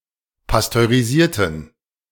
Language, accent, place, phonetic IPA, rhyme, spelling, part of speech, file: German, Germany, Berlin, [pastøʁiˈziːɐ̯tn̩], -iːɐ̯tn̩, pasteurisierten, adjective / verb, De-pasteurisierten.ogg
- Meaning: inflection of pasteurisieren: 1. first/third-person plural preterite 2. first/third-person plural subjunctive II